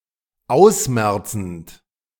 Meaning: present participle of ausmerzen
- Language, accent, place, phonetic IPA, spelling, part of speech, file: German, Germany, Berlin, [ˈaʊ̯sˌmɛʁt͡sn̩t], ausmerzend, verb, De-ausmerzend.ogg